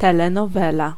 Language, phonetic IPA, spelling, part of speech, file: Polish, [ˌtɛlɛ̃nɔˈvɛla], telenowela, noun, Pl-telenowela.ogg